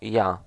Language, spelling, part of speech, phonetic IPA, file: Polish, ja, pronoun / noun / particle, [ja], Pl-ja.ogg